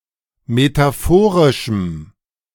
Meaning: strong dative masculine/neuter singular of metaphorisch
- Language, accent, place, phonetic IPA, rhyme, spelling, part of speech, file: German, Germany, Berlin, [metaˈfoːʁɪʃm̩], -oːʁɪʃm̩, metaphorischem, adjective, De-metaphorischem.ogg